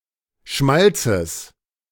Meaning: genitive singular of Schmalz
- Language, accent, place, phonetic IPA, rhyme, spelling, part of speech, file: German, Germany, Berlin, [ˈʃmalt͡səs], -alt͡səs, Schmalzes, noun, De-Schmalzes.ogg